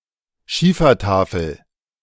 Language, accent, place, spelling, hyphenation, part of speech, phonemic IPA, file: German, Germany, Berlin, Schiefertafel, Schie‧fer‧ta‧fel, noun, /ˈʃiːfɐˌtaːfl̩/, De-Schiefertafel.ogg